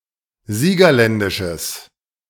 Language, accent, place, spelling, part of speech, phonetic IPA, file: German, Germany, Berlin, siegerländisches, adjective, [ˈziːɡɐˌlɛndɪʃəs], De-siegerländisches.ogg
- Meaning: strong/mixed nominative/accusative neuter singular of siegerländisch